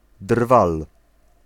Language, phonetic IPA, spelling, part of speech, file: Polish, [drval], drwal, noun, Pl-drwal.ogg